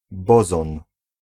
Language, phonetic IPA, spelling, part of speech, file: Polish, [ˈbɔzɔ̃n], bozon, noun, Pl-bozon.ogg